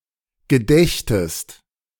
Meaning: second-person singular subjunctive II of gedenken
- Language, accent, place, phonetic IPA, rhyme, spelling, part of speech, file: German, Germany, Berlin, [ɡəˈdɛçtəst], -ɛçtəst, gedächtest, verb, De-gedächtest.ogg